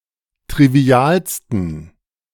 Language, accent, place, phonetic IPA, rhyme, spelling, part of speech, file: German, Germany, Berlin, [tʁiˈvi̯aːlstn̩], -aːlstn̩, trivialsten, adjective, De-trivialsten.ogg
- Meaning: 1. superlative degree of trivial 2. inflection of trivial: strong genitive masculine/neuter singular superlative degree